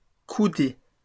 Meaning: plural of coudée
- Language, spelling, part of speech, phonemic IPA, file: French, coudées, noun, /ku.de/, LL-Q150 (fra)-coudées.wav